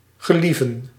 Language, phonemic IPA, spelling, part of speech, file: Dutch, /ɣəˈlivə(n)/, gelieven, verb, Nl-gelieven.ogg
- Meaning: 1. to please, to delight 2. to enjoy, love